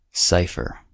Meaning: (noun) 1. A numeric character 2. Any text character 3. A combination or interweaving of letters, as the initials of a name 4. A method of transforming a text in order to conceal its meaning
- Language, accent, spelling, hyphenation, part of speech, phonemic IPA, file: English, US, cipher, ci‧pher, noun / verb, /ˈsaɪfɚ/, En-us-cipher.ogg